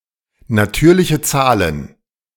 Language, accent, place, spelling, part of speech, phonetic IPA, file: German, Germany, Berlin, natürliche Zahlen, noun, [naˈtyːɐ̯lɪçə ˈt͡saːlən], De-natürliche Zahlen.ogg
- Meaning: plural of natürliche Zahl